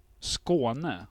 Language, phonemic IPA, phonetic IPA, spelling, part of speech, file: Swedish, /²skoːnɛ/, [ˈskʊɞ̯˦˥˨nɛ̠ʰ˦˥˩], Skåne, proper noun, Sv-Skåne.ogg
- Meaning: Scania (a former province, historical region, and peninsula in Sweden, roughly coterminous with Skåne County and occupying the southern tip of the Scandinavian Peninsula)